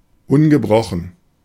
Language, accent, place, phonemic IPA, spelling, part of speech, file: German, Germany, Berlin, /ˈʊnɡəˌbʁɔχn̩/, ungebrochen, adjective, De-ungebrochen.ogg
- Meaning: 1. unbroken 2. uninterrupted